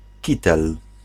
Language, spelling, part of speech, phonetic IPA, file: Polish, kitel, noun, [ˈcitɛl], Pl-kitel.ogg